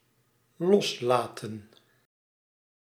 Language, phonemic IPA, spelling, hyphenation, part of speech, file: Dutch, /ˈlɔsˌlaː.tə(n)/, loslaten, los‧la‧ten, verb, Nl-loslaten.ogg
- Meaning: 1. to let go 2. to free, release